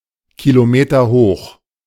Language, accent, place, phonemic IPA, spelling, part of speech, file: German, Germany, Berlin, /kiloˈmeːtɐˌhoːχ/, kilometerhoch, adjective, De-kilometerhoch.ogg
- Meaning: kilometre-high